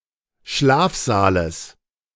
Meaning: genitive singular of Schlafsaal
- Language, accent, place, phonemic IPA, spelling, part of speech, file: German, Germany, Berlin, /ˈʃlaːfzaːləs/, Schlafsaales, noun, De-Schlafsaales.ogg